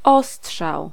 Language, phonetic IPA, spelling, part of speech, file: Polish, [ˈɔsṭʃaw], ostrzał, noun, Pl-ostrzał.ogg